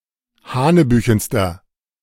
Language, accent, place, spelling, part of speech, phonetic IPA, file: German, Germany, Berlin, hanebüchenster, adjective, [ˈhaːnəˌbyːçn̩stɐ], De-hanebüchenster.ogg
- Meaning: inflection of hanebüchen: 1. strong/mixed nominative masculine singular superlative degree 2. strong genitive/dative feminine singular superlative degree 3. strong genitive plural superlative degree